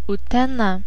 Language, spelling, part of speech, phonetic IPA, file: Lithuanian, Utena, proper noun, [ʊtʲɛˈnɐ], Utena.ogg
- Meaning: a city in Lithuania